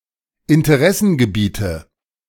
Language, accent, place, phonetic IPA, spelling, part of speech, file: German, Germany, Berlin, [ɪntəˈʁɛsn̩ɡəˌbiːtə], Interessengebiete, noun, De-Interessengebiete.ogg
- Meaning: nominative/accusative/genitive plural of Interessengebiet